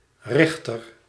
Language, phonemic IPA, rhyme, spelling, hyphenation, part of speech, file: Dutch, /ˈrɪx.tər/, -ɪxtər, richter, rich‧ter, noun, Nl-richter.ogg
- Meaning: 1. aimer, one who aims (e.g. a projectile weapon) 2. biblical judge (the usual plural is richteren)